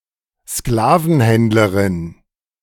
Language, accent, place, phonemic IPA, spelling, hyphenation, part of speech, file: German, Germany, Berlin, /ˈsklaːvənˌhɛntləʁɪn/, Sklavenhändlerin, Skla‧ven‧händ‧le‧rin, noun, De-Sklavenhändlerin.ogg
- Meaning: female slave trader